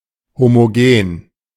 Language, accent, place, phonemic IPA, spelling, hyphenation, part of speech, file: German, Germany, Berlin, /ˌhomoˈɡeːn/, homogen, ho‧mo‧gen, adjective, De-homogen.ogg
- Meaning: homogeneous (having the same composition throughout)